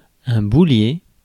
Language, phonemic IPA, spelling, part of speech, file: French, /bu.lje/, boulier, noun, Fr-boulier.ogg
- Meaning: abacus